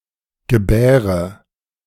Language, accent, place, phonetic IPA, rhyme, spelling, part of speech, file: German, Germany, Berlin, [ɡəˈbɛːʁə], -ɛːʁə, gebäre, verb, De-gebäre.ogg
- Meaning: inflection of gebären: 1. first-person singular present 2. first/third-person singular subjunctive I 3. first/third-person singular subjunctive II